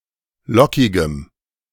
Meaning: strong dative masculine/neuter singular of lockig
- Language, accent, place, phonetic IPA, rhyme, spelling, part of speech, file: German, Germany, Berlin, [ˈlɔkɪɡəm], -ɔkɪɡəm, lockigem, adjective, De-lockigem.ogg